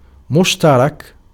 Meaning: 1. shared 2. common, mutual 3. joint
- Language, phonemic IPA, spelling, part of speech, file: Arabic, /muʃ.ta.rak/, مشترك, adjective, Ar-مشترك.ogg